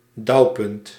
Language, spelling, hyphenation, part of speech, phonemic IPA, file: Dutch, dauwpunt, dauw‧punt, noun, /ˈdɑu̯.pʏnt/, Nl-dauwpunt.ogg
- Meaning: dewpoint